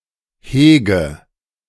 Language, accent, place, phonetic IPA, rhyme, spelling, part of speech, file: German, Germany, Berlin, [ˈheːɡə], -eːɡə, hege, verb, De-hege.ogg
- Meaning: inflection of hegen: 1. first-person singular present 2. first/third-person singular subjunctive I 3. singular imperative